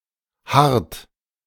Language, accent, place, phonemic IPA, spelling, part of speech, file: German, Germany, Berlin, /hart/, harrt, verb, De-harrt.ogg
- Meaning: inflection of harren: 1. third-person singular present 2. second-person plural present 3. plural imperative